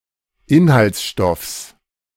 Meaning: genitive singular of Inhaltsstoff
- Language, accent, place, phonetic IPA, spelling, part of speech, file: German, Germany, Berlin, [ˈɪnhalt͡sˌʃtɔfs], Inhaltsstoffs, noun, De-Inhaltsstoffs.ogg